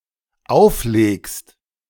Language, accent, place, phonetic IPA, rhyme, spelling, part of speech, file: German, Germany, Berlin, [ˈaʊ̯fˌleːkst], -aʊ̯fleːkst, auflegst, verb, De-auflegst.ogg
- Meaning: second-person singular dependent present of auflegen